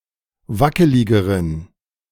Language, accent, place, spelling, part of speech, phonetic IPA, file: German, Germany, Berlin, wackeligeren, adjective, [ˈvakəlɪɡəʁən], De-wackeligeren.ogg
- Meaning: inflection of wackelig: 1. strong genitive masculine/neuter singular comparative degree 2. weak/mixed genitive/dative all-gender singular comparative degree